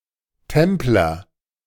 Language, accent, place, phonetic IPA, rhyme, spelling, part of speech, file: German, Germany, Berlin, [ˈtɛmplɐ], -ɛmplɐ, Templer, noun, De-Templer.ogg
- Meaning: a Templar